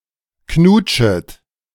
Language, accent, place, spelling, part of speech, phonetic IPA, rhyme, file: German, Germany, Berlin, knutschet, verb, [ˈknuːt͡ʃət], -uːt͡ʃət, De-knutschet.ogg
- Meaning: second-person plural subjunctive I of knutschen